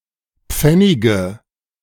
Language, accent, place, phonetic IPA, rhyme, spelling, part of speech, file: German, Germany, Berlin, [ˈp͡fɛnɪɡə], -ɛnɪɡə, Pfennige, noun, De-Pfennige.ogg
- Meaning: nominative/accusative/genitive plural of Pfennig